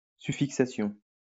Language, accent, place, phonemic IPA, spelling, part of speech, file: French, France, Lyon, /sy.fik.sa.sjɔ̃/, suffixation, noun, LL-Q150 (fra)-suffixation.wav
- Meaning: suffixation